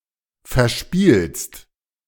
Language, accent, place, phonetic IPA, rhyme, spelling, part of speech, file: German, Germany, Berlin, [fɛɐ̯ˈʃpiːlst], -iːlst, verspielst, verb, De-verspielst.ogg
- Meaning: second-person singular present of verspielen